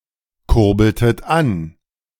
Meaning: inflection of ankurbeln: 1. second-person plural preterite 2. second-person plural subjunctive II
- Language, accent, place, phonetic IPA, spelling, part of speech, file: German, Germany, Berlin, [ˌkʊʁbl̩tət ˈan], kurbeltet an, verb, De-kurbeltet an.ogg